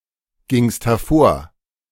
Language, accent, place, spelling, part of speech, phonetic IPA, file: German, Germany, Berlin, gingst hervor, verb, [ˌɡɪŋst hɛɐ̯ˈfoːɐ̯], De-gingst hervor.ogg
- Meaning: second-person singular preterite of hervorgehen